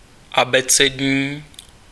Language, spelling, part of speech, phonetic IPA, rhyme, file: Czech, abecední, adjective, [ˈabɛt͡sɛdɲiː], -ɛdɲiː, Cs-abecední.ogg
- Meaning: alphabetical